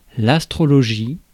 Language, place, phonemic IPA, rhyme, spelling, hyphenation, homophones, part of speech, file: French, Paris, /as.tʁɔ.lɔ.ʒi/, -i, astrologie, as‧tro‧lo‧gie, astrologies, noun, Fr-astrologie.ogg
- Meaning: astrology